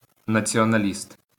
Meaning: nationalist
- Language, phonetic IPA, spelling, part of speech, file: Ukrainian, [nɐt͡sʲiɔnɐˈlʲist], націоналіст, noun, LL-Q8798 (ukr)-націоналіст.wav